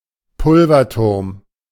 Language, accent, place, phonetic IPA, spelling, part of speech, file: German, Germany, Berlin, [ˈpʊlvɐˌtʊʁm], Pulverturm, noun, De-Pulverturm.ogg
- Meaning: powder tower, gunpowder magazine